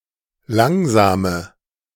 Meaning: inflection of langsam: 1. strong/mixed nominative/accusative feminine singular 2. strong nominative/accusative plural 3. weak nominative all-gender singular 4. weak accusative feminine/neuter singular
- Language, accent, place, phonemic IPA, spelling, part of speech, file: German, Germany, Berlin, /ˈlaŋzaːmə/, langsame, adjective, De-langsame.ogg